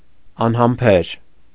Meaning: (adjective) impatient; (adverb) impatiently
- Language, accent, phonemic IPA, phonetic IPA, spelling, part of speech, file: Armenian, Eastern Armenian, /ɑnhɑmˈpʰeɾ/, [ɑnhɑmpʰéɾ], անհամբեր, adjective / adverb, Hy-անհամբեր .ogg